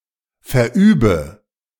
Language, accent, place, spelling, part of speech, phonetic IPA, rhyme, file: German, Germany, Berlin, verübe, verb, [fɛɐ̯ˈʔyːbə], -yːbə, De-verübe.ogg
- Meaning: inflection of verüben: 1. first-person singular present 2. first/third-person singular subjunctive I 3. singular imperative